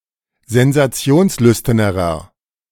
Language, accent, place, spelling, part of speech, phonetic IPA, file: German, Germany, Berlin, sensationslüsternerer, adjective, [zɛnzaˈt͡si̯oːnsˌlʏstɐnəʁɐ], De-sensationslüsternerer.ogg
- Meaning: inflection of sensationslüstern: 1. strong/mixed nominative masculine singular comparative degree 2. strong genitive/dative feminine singular comparative degree